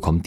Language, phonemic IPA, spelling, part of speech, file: German, /kɔmt/, kommt, verb, De-kommt.ogg
- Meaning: inflection of kommen: 1. third-person singular 2. second-person plural 3. imperative plural